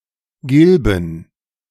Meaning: to turn yellow
- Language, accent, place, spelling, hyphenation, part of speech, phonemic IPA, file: German, Germany, Berlin, gilben, gil‧ben, verb, /ˈɡɪlbn̩/, De-gilben.ogg